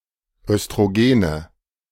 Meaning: plural of Östrogen
- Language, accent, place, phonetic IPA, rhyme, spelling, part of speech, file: German, Germany, Berlin, [œstʁoˈɡeːnə], -eːnə, Östrogene, noun, De-Östrogene.ogg